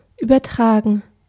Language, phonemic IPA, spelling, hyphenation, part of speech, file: German, /ˌyːbərˈtraːɡən/, übertragen, über‧tra‧gen, verb / adjective, De-übertragen.ogg
- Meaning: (verb) 1. to transfer, transmit 2. to translate 3. to broadcast, televise 4. to hand over something to someone, entrust someone with something, confer a right on someone 5. to have a post-term birth